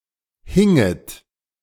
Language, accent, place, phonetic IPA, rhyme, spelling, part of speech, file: German, Germany, Berlin, [ˈhɪŋət], -ɪŋət, hinget, verb, De-hinget.ogg
- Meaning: second-person plural subjunctive II of hängen